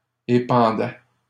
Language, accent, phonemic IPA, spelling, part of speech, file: French, Canada, /e.pɑ̃.dɛ/, épandais, verb, LL-Q150 (fra)-épandais.wav
- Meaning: first/second-person singular imperfect indicative of épandre